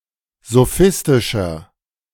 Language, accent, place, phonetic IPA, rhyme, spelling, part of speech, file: German, Germany, Berlin, [zoˈfɪstɪʃɐ], -ɪstɪʃɐ, sophistischer, adjective, De-sophistischer.ogg
- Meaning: 1. comparative degree of sophistisch 2. inflection of sophistisch: strong/mixed nominative masculine singular 3. inflection of sophistisch: strong genitive/dative feminine singular